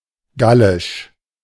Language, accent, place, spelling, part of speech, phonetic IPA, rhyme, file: German, Germany, Berlin, gallisch, adjective, [ˈɡalɪʃ], -alɪʃ, De-gallisch.ogg
- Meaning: of Gaul; Gaulish